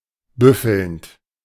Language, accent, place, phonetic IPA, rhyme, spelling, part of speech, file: German, Germany, Berlin, [ˈbʏfl̩nt], -ʏfl̩nt, büffelnd, verb, De-büffelnd.ogg
- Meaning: present participle of büffeln